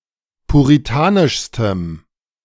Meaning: strong dative masculine/neuter singular superlative degree of puritanisch
- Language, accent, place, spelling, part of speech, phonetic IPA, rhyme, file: German, Germany, Berlin, puritanischstem, adjective, [puʁiˈtaːnɪʃstəm], -aːnɪʃstəm, De-puritanischstem.ogg